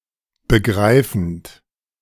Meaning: present participle of begreifen
- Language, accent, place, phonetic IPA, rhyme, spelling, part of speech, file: German, Germany, Berlin, [bəˈɡʁaɪ̯fn̩t], -aɪ̯fn̩t, begreifend, verb, De-begreifend.ogg